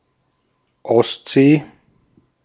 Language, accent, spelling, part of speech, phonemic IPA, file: German, Austria, Ostsee, proper noun, /ˈɔstzeː/, De-at-Ostsee.ogg
- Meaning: Baltic Sea (a sea in Northern Europe, an arm of the Atlantic enclosed by Denmark, Estonia, Finland, Germany, Latvia, Lithuania, Poland, Russia and Sweden)